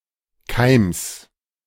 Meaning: genitive singular of Keim
- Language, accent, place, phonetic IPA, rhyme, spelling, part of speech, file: German, Germany, Berlin, [kaɪ̯ms], -aɪ̯ms, Keims, noun, De-Keims.ogg